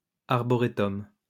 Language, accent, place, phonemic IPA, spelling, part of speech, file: French, France, Lyon, /aʁ.bɔ.ʁe.tɔm/, arboretum, noun, LL-Q150 (fra)-arboretum.wav
- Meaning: arboretum